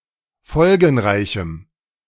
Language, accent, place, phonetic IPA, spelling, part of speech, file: German, Germany, Berlin, [ˈfɔlɡn̩ˌʁaɪ̯çm̩], folgenreichem, adjective, De-folgenreichem.ogg
- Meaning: strong dative masculine/neuter singular of folgenreich